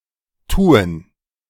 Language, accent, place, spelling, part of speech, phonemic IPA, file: German, Germany, Berlin, tuen, verb, /ˈtuːən/, De-tuen.ogg
- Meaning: first/third-person plural subjunctive I of tun